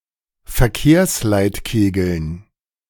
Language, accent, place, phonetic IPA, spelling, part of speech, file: German, Germany, Berlin, [fɛɐ̯ˈkeːɐ̯slaɪ̯tˌkeːɡl̩n], Verkehrsleitkegeln, noun, De-Verkehrsleitkegeln.ogg
- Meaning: dative plural of Verkehrsleitkegel